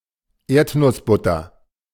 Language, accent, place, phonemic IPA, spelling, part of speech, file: German, Germany, Berlin, /ˈeːɐ̯tnʊsˌbʊtɐ/, Erdnussbutter, noun, De-Erdnussbutter.ogg
- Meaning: peanut butter